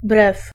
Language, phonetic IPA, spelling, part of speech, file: Polish, [brɛf], brew, noun, Pl-brew.ogg